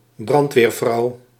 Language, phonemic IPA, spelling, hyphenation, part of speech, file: Dutch, /ˈbrɑnt.ʋeːrˌvrɑu̯/, brandweervrouw, brand‧weer‧vrouw, noun, Nl-brandweervrouw.ogg
- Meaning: firewoman, female firefighter